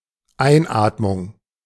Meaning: inspiration (act of breathing in)
- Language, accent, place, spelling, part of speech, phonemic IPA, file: German, Germany, Berlin, Einatmung, noun, /ˈaɪ̯nˌaːtmʊŋ/, De-Einatmung.ogg